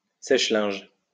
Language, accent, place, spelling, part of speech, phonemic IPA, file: French, France, Lyon, sèche-linge, noun, /sɛʃ.lɛ̃ʒ/, LL-Q150 (fra)-sèche-linge.wav
- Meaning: tumble drier